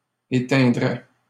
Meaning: third-person singular conditional of éteindre
- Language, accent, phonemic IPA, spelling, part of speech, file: French, Canada, /e.tɛ̃.dʁɛ/, éteindrait, verb, LL-Q150 (fra)-éteindrait.wav